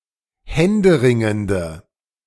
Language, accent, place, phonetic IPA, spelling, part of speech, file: German, Germany, Berlin, [ˈhɛndəˌʁɪŋəndə], händeringende, adjective, De-händeringende.ogg
- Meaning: inflection of händeringend: 1. strong/mixed nominative/accusative feminine singular 2. strong nominative/accusative plural 3. weak nominative all-gender singular